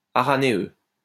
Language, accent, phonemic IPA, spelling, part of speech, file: French, France, /a.ʁa.ne.ø/, aranéeux, adjective, LL-Q150 (fra)-aranéeux.wav
- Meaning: araneous, araneose